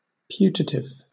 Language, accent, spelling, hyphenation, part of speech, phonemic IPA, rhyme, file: English, Southern England, putative, pu‧ta‧tive, adjective, /ˈpjuː.tə.tɪv/, -uːtətɪv, LL-Q1860 (eng)-putative.wav
- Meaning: 1. Commonly believed or deemed to be the case; generally assumed 2. Accepted by supposition rather than as a result of proof 3. Alleged, purported, ostensible, professed